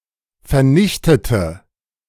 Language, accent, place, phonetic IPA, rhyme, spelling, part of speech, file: German, Germany, Berlin, [fɛɐ̯ˈnɪçtətə], -ɪçtətə, vernichtete, adjective / verb, De-vernichtete.ogg
- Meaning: inflection of vernichten: 1. first/third-person singular preterite 2. first/third-person singular subjunctive II